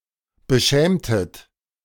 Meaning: inflection of beschämen: 1. second-person plural preterite 2. second-person plural subjunctive II
- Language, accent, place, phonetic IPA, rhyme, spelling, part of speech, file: German, Germany, Berlin, [bəˈʃɛːmtət], -ɛːmtət, beschämtet, verb, De-beschämtet.ogg